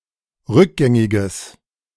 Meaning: strong/mixed nominative/accusative neuter singular of rückgängig
- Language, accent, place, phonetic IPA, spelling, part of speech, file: German, Germany, Berlin, [ˈʁʏkˌɡɛŋɪɡəs], rückgängiges, adjective, De-rückgängiges.ogg